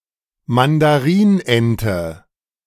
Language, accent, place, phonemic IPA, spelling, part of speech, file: German, Germany, Berlin, /mandaˈʁiːnˌʔɛntə/, Mandarinente, noun, De-Mandarinente.ogg
- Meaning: mandarin duck